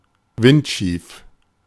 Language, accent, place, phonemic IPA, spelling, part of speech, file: German, Germany, Berlin, /ˈvɪntʃiːf/, windschief, adjective, De-windschief.ogg
- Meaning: skew (neither perpendicular nor parallel)